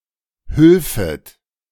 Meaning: second-person plural subjunctive II of helfen
- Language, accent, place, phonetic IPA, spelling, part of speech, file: German, Germany, Berlin, [ˈhʏlfət], hülfet, verb, De-hülfet.ogg